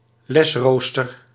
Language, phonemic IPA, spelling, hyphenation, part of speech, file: Dutch, /ˈlɛsˌroːs.tər/, lesrooster, les‧roos‧ter, noun, Nl-lesrooster.ogg
- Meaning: school timetable, class schedule